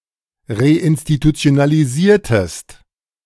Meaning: inflection of reinstitutionalisieren: 1. second-person singular preterite 2. second-person singular subjunctive II
- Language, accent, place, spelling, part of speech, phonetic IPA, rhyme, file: German, Germany, Berlin, reinstitutionalisiertest, verb, [ʁeʔɪnstitut͡si̯onaliˈziːɐ̯təst], -iːɐ̯təst, De-reinstitutionalisiertest.ogg